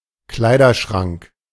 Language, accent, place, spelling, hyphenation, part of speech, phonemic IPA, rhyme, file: German, Germany, Berlin, Kleiderschrank, Klei‧der‧schrank, noun, /ˈklaɪdɐˌʃʁaŋk/, -aŋk, De-Kleiderschrank.ogg
- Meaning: wardrobe (cabinet in which clothes may be stored)